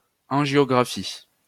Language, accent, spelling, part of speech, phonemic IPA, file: French, France, angiographie, noun, /ɑ̃.ʒjɔ.ɡʁa.fi/, LL-Q150 (fra)-angiographie.wav
- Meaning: angiography